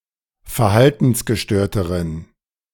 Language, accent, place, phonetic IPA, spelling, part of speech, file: German, Germany, Berlin, [fɛɐ̯ˈhaltn̩sɡəˌʃtøːɐ̯təʁən], verhaltensgestörteren, adjective, De-verhaltensgestörteren.ogg
- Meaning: inflection of verhaltensgestört: 1. strong genitive masculine/neuter singular comparative degree 2. weak/mixed genitive/dative all-gender singular comparative degree